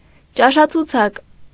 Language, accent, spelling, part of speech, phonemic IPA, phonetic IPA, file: Armenian, Eastern Armenian, ճաշացուցակ, noun, /t͡ʃɑʃɑt͡sʰuˈt͡sʰɑk/, [t͡ʃɑʃɑt͡sʰut͡sʰɑ́k], Hy-ճաշացուցակ.ogg
- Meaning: menu